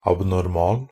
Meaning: abnormal (not conforming to rule or system; deviating from the usual or normal type)
- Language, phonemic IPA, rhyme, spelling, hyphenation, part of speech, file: Norwegian Bokmål, /abnɔrˈmɑːl/, -ɑːl, abnormal, ab‧nor‧mal, adjective, Nb-abnormal.ogg